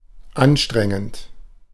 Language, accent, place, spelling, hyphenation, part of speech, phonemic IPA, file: German, Germany, Berlin, anstrengend, an‧stren‧gend, verb / adjective, /ˈanˌʃtʁɛŋənt/, De-anstrengend.ogg
- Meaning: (verb) present participle of anstrengen; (adjective) 1. strenuous (requiring great exertion) 2. exhausting